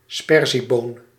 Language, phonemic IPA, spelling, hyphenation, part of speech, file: Dutch, /ˈspɛr.ziˌboːn/, sperzieboon, sper‧zie‧boon, noun, Nl-sperzieboon.ogg
- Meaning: a variety of green bean (Phaseolus vulgaris), with seeds that have not fully matured